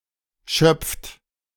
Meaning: inflection of schöpfen: 1. third-person singular present 2. second-person plural present 3. plural imperative
- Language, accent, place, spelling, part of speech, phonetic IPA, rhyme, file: German, Germany, Berlin, schöpft, verb, [ʃœp͡ft], -œp͡ft, De-schöpft.ogg